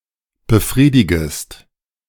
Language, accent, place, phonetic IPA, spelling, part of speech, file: German, Germany, Berlin, [bəˈfʁiːdɪɡəst], befriedigest, verb, De-befriedigest.ogg
- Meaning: second-person singular subjunctive I of befriedigen